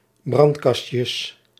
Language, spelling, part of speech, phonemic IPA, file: Dutch, brandkastjes, noun, /ˈbrɑntkɑʃəs/, Nl-brandkastjes.ogg
- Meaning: plural of brandkastje